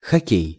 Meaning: 1. hockey 2. okay (rhymes with окей)
- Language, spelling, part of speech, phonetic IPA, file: Russian, хоккей, noun, [xɐˈkʲej], Ru-хоккей.ogg